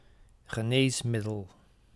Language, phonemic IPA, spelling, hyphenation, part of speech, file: Dutch, /ɣəˈneːs.mɪ.dəl/, geneesmiddel, ge‧nees‧mid‧del, noun, Nl-geneesmiddel.ogg
- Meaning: a medicine, medication